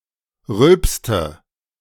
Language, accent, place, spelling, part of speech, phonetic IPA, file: German, Germany, Berlin, rülpste, verb, [ˈʁʏlpstə], De-rülpste.ogg
- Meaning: inflection of rülpsen: 1. first/third-person singular preterite 2. first/third-person singular subjunctive II